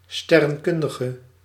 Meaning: astronomer
- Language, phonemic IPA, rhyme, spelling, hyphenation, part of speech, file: Dutch, /stɛrə(n)ˈkʏndəɣə/, -ʏndəɣə, sterrenkundige, ster‧ren‧kun‧di‧ge, noun, Nl-sterrenkundige.ogg